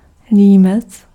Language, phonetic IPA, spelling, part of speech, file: Czech, [ˈliːmɛt͡s], límec, noun, Cs-límec.ogg
- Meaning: 1. collar (part of a shirt or jacket that fits around the neck and throat) 2. neck frill (of an animal)